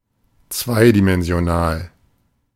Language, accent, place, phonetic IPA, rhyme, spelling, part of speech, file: German, Germany, Berlin, [ˈt͡svaɪ̯dimɛnzi̯oˌnaːl], -aɪ̯dimɛnzi̯onaːl, zweidimensional, adjective, De-zweidimensional.ogg
- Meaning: two-dimensional